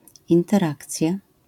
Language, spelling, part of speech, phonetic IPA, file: Polish, interakcja, noun, [ˌĩntɛrˈakt͡sʲja], LL-Q809 (pol)-interakcja.wav